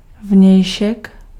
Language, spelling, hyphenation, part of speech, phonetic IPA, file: Czech, vnějšek, vněj‧šek, noun, [ˈvɲɛjʃɛk], Cs-vnějšek.ogg
- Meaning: outside